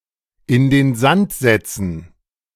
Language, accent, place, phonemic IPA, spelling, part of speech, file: German, Germany, Berlin, /ˌʔɪn den ˈzant zɛtsn̩/, in den Sand setzen, verb, De-in den Sand setzen.ogg
- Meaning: (of a project) to botch; (of money) to waste, to burn